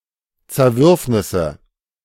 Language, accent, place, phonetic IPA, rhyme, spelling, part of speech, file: German, Germany, Berlin, [t͡sɛɐ̯ˈvʏʁfnɪsə], -ʏʁfnɪsə, Zerwürfnisse, noun, De-Zerwürfnisse.ogg
- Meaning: plural of Zerwürfnis